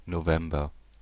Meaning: November (the eleventh month of the Gregorian calendar, following October and preceding December)
- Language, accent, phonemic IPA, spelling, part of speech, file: German, Germany, /noˈvɛmbɐ/, November, noun, De-November.ogg